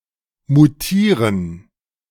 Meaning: to mutate
- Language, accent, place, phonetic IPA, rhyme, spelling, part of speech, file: German, Germany, Berlin, [muˈtiːʁən], -iːʁən, mutieren, verb, De-mutieren.ogg